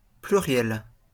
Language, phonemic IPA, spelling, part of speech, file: French, /ply.ʁjɛl/, pluriel, noun / adjective, LL-Q150 (fra)-pluriel.wav
- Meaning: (noun) plural